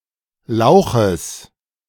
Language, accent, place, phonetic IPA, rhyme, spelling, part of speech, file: German, Germany, Berlin, [ˈlaʊ̯xəs], -aʊ̯xəs, Lauches, noun, De-Lauches.ogg
- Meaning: genitive of Lauch